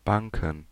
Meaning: plural of Bank
- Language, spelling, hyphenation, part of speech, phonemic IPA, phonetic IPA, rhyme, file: German, Banken, Ban‧ken, noun, /ˈbaŋkən/, [ˈbaŋkn̩], -aŋkn̩, De-Banken.ogg